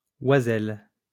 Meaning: 1. female equivalent of oiseau (“bird”) 2. a virgin
- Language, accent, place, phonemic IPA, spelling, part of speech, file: French, France, Lyon, /wa.zɛl/, oiselle, noun, LL-Q150 (fra)-oiselle.wav